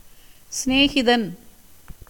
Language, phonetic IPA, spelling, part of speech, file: Tamil, [sɪneːɡɪd̪ɐn], சிநேகிதன், noun, Ta-சிநேகிதன்.ogg
- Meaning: friend, companion